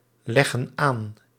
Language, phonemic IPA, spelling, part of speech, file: Dutch, /ˈlɛɣə(n) ˈan/, leggen aan, verb, Nl-leggen aan.ogg
- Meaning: inflection of aanleggen: 1. plural present indicative 2. plural present subjunctive